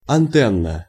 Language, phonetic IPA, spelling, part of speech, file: Russian, [ɐnˈtɛn(ː)ə], антенна, noun, Ru-антенна.ogg
- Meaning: 1. aerial, antenna 2. antenna